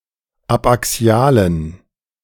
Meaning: inflection of abaxial: 1. strong genitive masculine/neuter singular 2. weak/mixed genitive/dative all-gender singular 3. strong/weak/mixed accusative masculine singular 4. strong dative plural
- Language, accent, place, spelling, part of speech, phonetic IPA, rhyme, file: German, Germany, Berlin, abaxialen, adjective, [apʔaˈksi̯aːlən], -aːlən, De-abaxialen.ogg